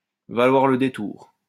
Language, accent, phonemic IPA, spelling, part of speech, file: French, France, /va.lwaʁ lə de.tuʁ/, valoir le détour, verb, LL-Q150 (fra)-valoir le détour.wav
- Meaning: to be worth seeing, to be worth the trip, to be worth the journey, to be worth a visit